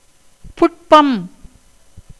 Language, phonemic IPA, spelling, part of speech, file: Tamil, /pʊʈpɐm/, புட்பம், noun, Ta-புட்பம்.ogg
- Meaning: 1. flower 2. plantain 3. menstruation 4. a disease of the eye albugo